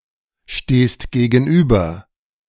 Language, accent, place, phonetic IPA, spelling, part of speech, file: German, Germany, Berlin, [ˌʃteːst ɡeːɡn̩ˈʔyːbɐ], stehst gegenüber, verb, De-stehst gegenüber.ogg
- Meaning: second-person singular present of gegenüberstehen